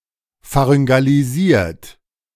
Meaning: 1. past participle of pharyngalisieren 2. inflection of pharyngalisieren: third-person singular present 3. inflection of pharyngalisieren: second-person plural present
- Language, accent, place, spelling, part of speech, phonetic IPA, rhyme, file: German, Germany, Berlin, pharyngalisiert, verb, [faʁʏŋɡaliˈziːɐ̯t], -iːɐ̯t, De-pharyngalisiert.ogg